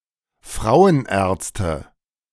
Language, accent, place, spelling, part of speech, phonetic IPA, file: German, Germany, Berlin, Frauenärzte, noun, [ˈfʁaʊ̯ənˌʔɛːɐ̯t͡stə], De-Frauenärzte.ogg
- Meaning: nominative/accusative/genitive plural of Frauenarzt